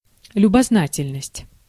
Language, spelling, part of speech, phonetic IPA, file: Russian, любознательность, noun, [lʲʊbɐzˈnatʲɪlʲnəsʲtʲ], Ru-любознательность.ogg
- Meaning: inquisitiveness, curiosity